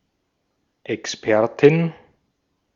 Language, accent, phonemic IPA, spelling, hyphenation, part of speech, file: German, Austria, /ʔɛksˈpɛɐ̯tɪn/, Expertin, Ex‧per‧tin, noun, De-at-Expertin.ogg
- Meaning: a female expert